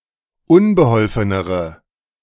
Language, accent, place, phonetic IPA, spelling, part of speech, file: German, Germany, Berlin, [ˈʊnbəˌhɔlfənəʁə], unbeholfenere, adjective, De-unbeholfenere.ogg
- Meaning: inflection of unbeholfen: 1. strong/mixed nominative/accusative feminine singular comparative degree 2. strong nominative/accusative plural comparative degree